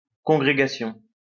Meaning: congregation
- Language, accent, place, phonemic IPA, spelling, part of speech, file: French, France, Lyon, /kɔ̃.ɡʁe.ɡa.sjɔ̃/, congrégation, noun, LL-Q150 (fra)-congrégation.wav